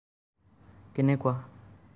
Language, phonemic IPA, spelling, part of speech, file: Assamese, /kɛ.nɛ.kuɑ/, কেনেকুৱা, adverb, As-কেনেকুৱা.ogg
- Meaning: how